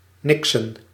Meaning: to do nothing, to loaf, to idle
- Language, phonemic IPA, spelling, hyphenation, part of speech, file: Dutch, /ˈnɪk.sə(n)/, niksen, nik‧sen, verb, Nl-niksen.ogg